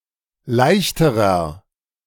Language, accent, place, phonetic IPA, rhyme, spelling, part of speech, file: German, Germany, Berlin, [ˈlaɪ̯çtəʁɐ], -aɪ̯çtəʁɐ, leichterer, adjective, De-leichterer.ogg
- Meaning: inflection of leicht: 1. strong/mixed nominative masculine singular comparative degree 2. strong genitive/dative feminine singular comparative degree 3. strong genitive plural comparative degree